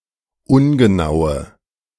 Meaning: inflection of ungenau: 1. strong/mixed nominative/accusative feminine singular 2. strong nominative/accusative plural 3. weak nominative all-gender singular 4. weak accusative feminine/neuter singular
- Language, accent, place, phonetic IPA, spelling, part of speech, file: German, Germany, Berlin, [ˈʊnɡəˌnaʊ̯ə], ungenaue, adjective, De-ungenaue.ogg